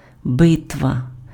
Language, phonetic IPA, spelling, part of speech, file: Ukrainian, [ˈbɪtʋɐ], битва, noun, Uk-битва.ogg
- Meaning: battle